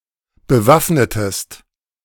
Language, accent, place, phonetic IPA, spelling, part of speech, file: German, Germany, Berlin, [bəˈvafnətəst], bewaffnetest, verb, De-bewaffnetest.ogg
- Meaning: inflection of bewaffnen: 1. second-person singular preterite 2. second-person singular subjunctive II